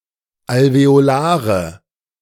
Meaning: 1. nominative plural of Alveolar 2. accusative plural of Alveolar 3. genitive plural of Alveolar
- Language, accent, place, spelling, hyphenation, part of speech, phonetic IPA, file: German, Germany, Berlin, Alveolare, Al‧ve‧o‧la‧re, noun, [alveoˈlaːʀə], De-Alveolare.ogg